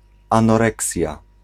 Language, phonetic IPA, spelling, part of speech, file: Polish, [ˌãnɔˈrɛksʲja], anoreksja, noun, Pl-anoreksja.ogg